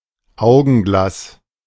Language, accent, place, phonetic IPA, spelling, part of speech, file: German, Germany, Berlin, [ˈaʊ̯ɡn̩ˌɡlas], Augenglas, noun, De-Augenglas.ogg
- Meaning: 1. glasses (spectacles) 2. any glass device that aids eyesight (e.g. glasses, pince-nez, monocle, etc.)